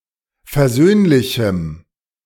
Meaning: strong dative masculine/neuter singular of versöhnlich
- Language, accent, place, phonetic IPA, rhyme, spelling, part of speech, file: German, Germany, Berlin, [fɛɐ̯ˈzøːnlɪçm̩], -øːnlɪçm̩, versöhnlichem, adjective, De-versöhnlichem.ogg